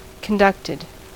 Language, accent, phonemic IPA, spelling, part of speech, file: English, US, /kənˈdʌktɪd/, conducted, verb, En-us-conducted.ogg
- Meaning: simple past and past participle of conduct